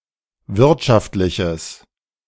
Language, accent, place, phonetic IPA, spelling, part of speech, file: German, Germany, Berlin, [ˈvɪʁtʃaftlɪçəs], wirtschaftliches, adjective, De-wirtschaftliches.ogg
- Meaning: strong/mixed nominative/accusative neuter singular of wirtschaftlich